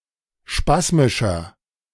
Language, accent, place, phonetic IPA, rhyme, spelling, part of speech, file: German, Germany, Berlin, [ˈʃpasmɪʃɐ], -asmɪʃɐ, spasmischer, adjective, De-spasmischer.ogg
- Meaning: inflection of spasmisch: 1. strong/mixed nominative masculine singular 2. strong genitive/dative feminine singular 3. strong genitive plural